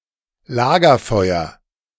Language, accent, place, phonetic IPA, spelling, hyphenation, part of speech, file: German, Germany, Berlin, [ˈlaːɡɐˌfɔɪ̯ɐ], Lagerfeuer, La‧ger‧feu‧er, noun, De-Lagerfeuer.ogg
- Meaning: campfire